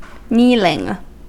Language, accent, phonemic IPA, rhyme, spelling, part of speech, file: English, US, /ˈniːlɪŋ/, -iːlɪŋ, kneeling, verb / noun, En-us-kneeling.ogg
- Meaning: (verb) present participle and gerund of kneel; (noun) The act by which someone kneels